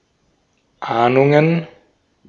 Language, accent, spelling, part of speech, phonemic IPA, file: German, Austria, Ahnungen, noun, /ˈʔaːnʊŋən/, De-at-Ahnungen.ogg
- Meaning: plural of Ahnung